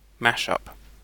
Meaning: Something consisting of two or more elements combined together.: An artistic work that consists primarily of parts borrowed from other works, or features a mixture of genres
- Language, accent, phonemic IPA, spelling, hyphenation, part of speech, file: English, Received Pronunciation, /ˈmæʃˌʌp/, mashup, mash‧up, noun, En-uk-mashup.ogg